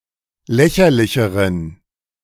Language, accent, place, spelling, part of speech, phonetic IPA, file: German, Germany, Berlin, lächerlicheren, adjective, [ˈlɛçɐlɪçəʁən], De-lächerlicheren.ogg
- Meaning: inflection of lächerlich: 1. strong genitive masculine/neuter singular comparative degree 2. weak/mixed genitive/dative all-gender singular comparative degree